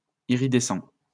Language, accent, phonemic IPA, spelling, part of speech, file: French, France, /i.ʁi.dɛ.sɑ̃/, iridescent, adjective, LL-Q150 (fra)-iridescent.wav
- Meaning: iridescent